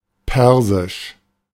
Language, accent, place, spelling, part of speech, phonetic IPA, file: German, Germany, Berlin, persisch, adjective, [ˈpɛʁzɪʃ], De-persisch.ogg
- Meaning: Persian (pertaining to the Persian people, to the Persian language or to Persia)